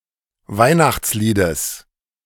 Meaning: genitive singular of Weihnachtslied
- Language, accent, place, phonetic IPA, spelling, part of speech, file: German, Germany, Berlin, [ˈvaɪ̯naxt͡sˌliːdəs], Weihnachtsliedes, noun, De-Weihnachtsliedes.ogg